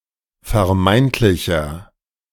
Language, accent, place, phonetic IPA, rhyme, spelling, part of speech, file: German, Germany, Berlin, [fɛɐ̯ˈmaɪ̯ntlɪçɐ], -aɪ̯ntlɪçɐ, vermeintlicher, adjective, De-vermeintlicher.ogg
- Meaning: inflection of vermeintlich: 1. strong/mixed nominative masculine singular 2. strong genitive/dative feminine singular 3. strong genitive plural